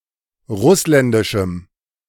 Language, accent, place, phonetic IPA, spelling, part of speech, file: German, Germany, Berlin, [ˈʁʊslɛndɪʃm̩], russländischem, adjective, De-russländischem.ogg
- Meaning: strong dative masculine/neuter singular of russländisch